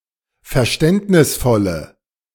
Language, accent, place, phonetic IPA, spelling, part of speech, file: German, Germany, Berlin, [fɛɐ̯ˈʃtɛntnɪsfɔlə], verständnisvolle, adjective, De-verständnisvolle.ogg
- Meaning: inflection of verständnisvoll: 1. strong/mixed nominative/accusative feminine singular 2. strong nominative/accusative plural 3. weak nominative all-gender singular